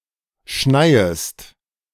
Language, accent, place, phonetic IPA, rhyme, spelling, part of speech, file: German, Germany, Berlin, [ˈʃnaɪ̯əst], -aɪ̯əst, schneiest, verb, De-schneiest.ogg
- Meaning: second-person singular subjunctive I of schneien